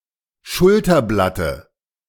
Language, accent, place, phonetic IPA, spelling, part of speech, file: German, Germany, Berlin, [ˈʃʊltɐˌblatə], Schulterblatte, noun, De-Schulterblatte.ogg
- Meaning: dative of Schulterblatt